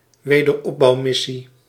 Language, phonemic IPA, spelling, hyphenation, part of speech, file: Dutch, /ʋeː.dərˈɔp.bɑu̯ˌmɪ.si/, wederopbouwmissie, we‧der‧op‧bouw‧mis‧sie, noun, Nl-wederopbouwmissie.ogg
- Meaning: reconstruction mission (military mission whose stated aim is to rebuild a country or region)